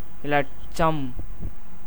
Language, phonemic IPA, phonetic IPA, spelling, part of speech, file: Tamil, /ɪlɐʈtʃɐm/, [ɪlɐʈsɐm], இலட்சம், noun, Ta-இலட்சம்.ogg
- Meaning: standard form of லட்சம் (laṭcam)